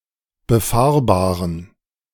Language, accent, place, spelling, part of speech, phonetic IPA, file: German, Germany, Berlin, befahrbaren, adjective, [bəˈfaːɐ̯baːʁən], De-befahrbaren.ogg
- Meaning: inflection of befahrbar: 1. strong genitive masculine/neuter singular 2. weak/mixed genitive/dative all-gender singular 3. strong/weak/mixed accusative masculine singular 4. strong dative plural